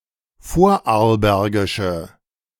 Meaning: inflection of vorarlbergisch: 1. strong/mixed nominative/accusative feminine singular 2. strong nominative/accusative plural 3. weak nominative all-gender singular
- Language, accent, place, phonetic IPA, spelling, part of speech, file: German, Germany, Berlin, [ˈfoːɐ̯ʔaʁlˌbɛʁɡɪʃə], vorarlbergische, adjective, De-vorarlbergische.ogg